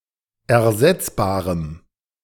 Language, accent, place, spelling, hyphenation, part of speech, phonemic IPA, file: German, Germany, Berlin, ersetzbarem, er‧setz‧ba‧rem, adjective, /ɛɐ̯ˈzɛt͡sbaːʁəm/, De-ersetzbarem.ogg
- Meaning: strong dative masculine/neuter singular of ersetzbar